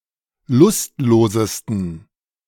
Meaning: 1. superlative degree of lustlos 2. inflection of lustlos: strong genitive masculine/neuter singular superlative degree
- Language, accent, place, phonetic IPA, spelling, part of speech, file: German, Germany, Berlin, [ˈlʊstˌloːzəstn̩], lustlosesten, adjective, De-lustlosesten.ogg